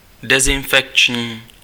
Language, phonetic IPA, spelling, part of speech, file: Czech, [ˈdɛzɪnfɛkt͡ʃɲiː], dezinfekční, adjective, Cs-dezinfekční.ogg
- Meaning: antiseptic (capable of preventing microbial infection)